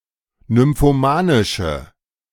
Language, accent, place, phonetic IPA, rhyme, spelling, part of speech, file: German, Germany, Berlin, [nʏmfoˈmaːnɪʃə], -aːnɪʃə, nymphomanische, adjective, De-nymphomanische.ogg
- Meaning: inflection of nymphomanisch: 1. strong/mixed nominative/accusative feminine singular 2. strong nominative/accusative plural 3. weak nominative all-gender singular